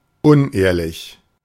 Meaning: dishonest
- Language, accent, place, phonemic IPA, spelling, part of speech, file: German, Germany, Berlin, /ˈʊnˌʔeːɐ̯lɪç/, unehrlich, adjective, De-unehrlich.ogg